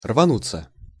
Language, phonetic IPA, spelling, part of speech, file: Russian, [rvɐˈnut͡sːə], рвануться, verb, Ru-рвануться.ogg
- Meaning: 1. to rush, to dash, to dart 2. passive of рвану́ть (rvanútʹ)